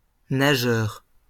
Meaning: swimmer (one who swims)
- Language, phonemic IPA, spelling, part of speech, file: French, /na.ʒœʁ/, nageur, noun, LL-Q150 (fra)-nageur.wav